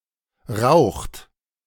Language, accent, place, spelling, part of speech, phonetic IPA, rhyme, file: German, Germany, Berlin, raucht, verb, [ʁaʊ̯xt], -aʊ̯xt, De-raucht.ogg
- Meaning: inflection of rauchen: 1. third-person singular present 2. second-person plural present 3. plural imperative